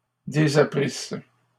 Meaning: third-person plural imperfect subjunctive of désapprendre
- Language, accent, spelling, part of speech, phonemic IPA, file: French, Canada, désapprissent, verb, /de.za.pʁis/, LL-Q150 (fra)-désapprissent.wav